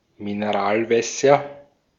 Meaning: nominative/accusative/genitive plural of Mineralwasser
- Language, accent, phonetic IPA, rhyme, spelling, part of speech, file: German, Austria, [mineˈʁaːlˌvɛsɐ], -aːlvɛsɐ, Mineralwässer, noun, De-at-Mineralwässer.ogg